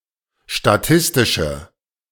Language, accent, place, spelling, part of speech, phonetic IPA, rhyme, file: German, Germany, Berlin, statistische, adjective, [ʃtaˈtɪstɪʃə], -ɪstɪʃə, De-statistische.ogg
- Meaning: inflection of statistisch: 1. strong/mixed nominative/accusative feminine singular 2. strong nominative/accusative plural 3. weak nominative all-gender singular